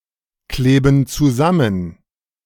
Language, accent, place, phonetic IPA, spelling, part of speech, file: German, Germany, Berlin, [ˌkleːbn̩ t͡suˈzamən], kleben zusammen, verb, De-kleben zusammen.ogg
- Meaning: inflection of zusammenkleben: 1. first/third-person plural present 2. first/third-person plural subjunctive I